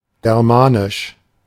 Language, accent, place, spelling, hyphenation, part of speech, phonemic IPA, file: German, Germany, Berlin, germanisch, ger‧ma‧nisch, adjective, /ˌɡɛʁˈmaːnɪʃ/, De-germanisch.ogg
- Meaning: Germanic